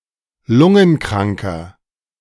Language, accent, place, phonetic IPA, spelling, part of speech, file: German, Germany, Berlin, [ˈlʊŋənˌkʁaŋkɐ], lungenkranker, adjective, De-lungenkranker.ogg
- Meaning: inflection of lungenkrank: 1. strong/mixed nominative masculine singular 2. strong genitive/dative feminine singular 3. strong genitive plural